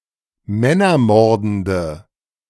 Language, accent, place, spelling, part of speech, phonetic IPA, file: German, Germany, Berlin, männermordende, adjective, [ˈmɛnɐˌmɔʁdn̩də], De-männermordende.ogg
- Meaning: inflection of männermordend: 1. strong/mixed nominative/accusative feminine singular 2. strong nominative/accusative plural 3. weak nominative all-gender singular